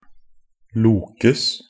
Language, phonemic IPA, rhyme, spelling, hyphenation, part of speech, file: Norwegian Bokmål, /ˈluːkəs/, -əs, lokes, lo‧kes, verb, Nb-lokes.ogg
- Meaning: passive of loke